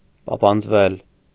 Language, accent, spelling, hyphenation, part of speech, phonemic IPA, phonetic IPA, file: Armenian, Eastern Armenian, պապանձվել, պա‧պանձ‧վել, verb, /pɑpɑnd͡zˈvel/, [pɑpɑnd͡zvél], Hy-պապանձվել.ogg
- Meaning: to grow dumb, speechless